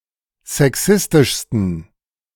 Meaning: 1. superlative degree of sexistisch 2. inflection of sexistisch: strong genitive masculine/neuter singular superlative degree
- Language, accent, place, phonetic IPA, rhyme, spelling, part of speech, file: German, Germany, Berlin, [zɛˈksɪstɪʃstn̩], -ɪstɪʃstn̩, sexistischsten, adjective, De-sexistischsten.ogg